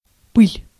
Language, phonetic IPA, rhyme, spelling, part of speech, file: Russian, [pɨlʲ], -ɨlʲ, пыль, noun, Ru-пыль.ogg
- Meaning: dust